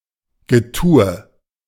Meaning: 1. fuss 2. ado
- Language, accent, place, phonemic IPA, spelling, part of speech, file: German, Germany, Berlin, /ɡəˈtuːə/, Getue, noun, De-Getue.ogg